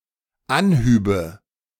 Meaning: first/third-person singular dependent subjunctive II of anheben
- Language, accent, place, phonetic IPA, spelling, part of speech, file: German, Germany, Berlin, [ˈanˌhyːbə], anhübe, verb, De-anhübe.ogg